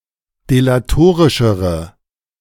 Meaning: inflection of delatorisch: 1. strong/mixed nominative/accusative feminine singular comparative degree 2. strong nominative/accusative plural comparative degree
- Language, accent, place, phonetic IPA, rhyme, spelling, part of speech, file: German, Germany, Berlin, [delaˈtoːʁɪʃəʁə], -oːʁɪʃəʁə, delatorischere, adjective, De-delatorischere.ogg